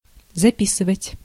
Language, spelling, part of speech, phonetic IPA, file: Russian, записывать, verb, [zɐˈpʲisɨvətʲ], Ru-записывать.ogg
- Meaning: 1. to write down, to enter (to set something down in writing) 2. to record (to make a record of information; to make an audio or video recording of)